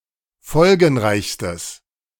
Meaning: strong/mixed nominative/accusative neuter singular superlative degree of folgenreich
- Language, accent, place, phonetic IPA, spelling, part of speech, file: German, Germany, Berlin, [ˈfɔlɡn̩ˌʁaɪ̯çstəs], folgenreichstes, adjective, De-folgenreichstes.ogg